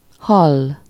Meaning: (verb) 1. to hear (to perceive sounds through the ear) 2. to hear (to perceive with the ear)
- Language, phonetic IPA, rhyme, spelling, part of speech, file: Hungarian, [ˈhɒlː], -ɒlː, hall, verb / noun, Hu-hall.ogg